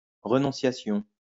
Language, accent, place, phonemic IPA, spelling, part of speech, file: French, France, Lyon, /ʁə.nɔ̃.sja.sjɔ̃/, renonciation, noun, LL-Q150 (fra)-renonciation.wav
- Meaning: 1. renunciation (all senses) 2. waiver